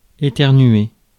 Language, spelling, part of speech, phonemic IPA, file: French, éternuer, verb, /e.tɛʁ.nɥe/, Fr-éternuer.ogg
- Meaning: to sneeze